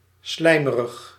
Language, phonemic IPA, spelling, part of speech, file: Dutch, /ˈslɛimərəx/, slijmerig, adjective, Nl-slijmerig.ogg
- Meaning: slimy, mucous